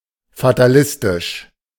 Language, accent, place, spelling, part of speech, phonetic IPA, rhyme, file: German, Germany, Berlin, fatalistisch, adjective, [fataˈlɪstɪʃ], -ɪstɪʃ, De-fatalistisch.ogg
- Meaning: fatalistic